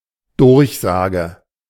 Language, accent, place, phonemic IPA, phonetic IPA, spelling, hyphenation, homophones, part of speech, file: German, Germany, Berlin, /ˈdʊɐ̯çˌsaːɡɛ/, [ˈdʊʁçˌzaːɡə], Durchsage, Durch‧sa‧ge, durchsage, noun, De-Durchsage.ogg
- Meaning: An announcement over loudspeakers or on the radio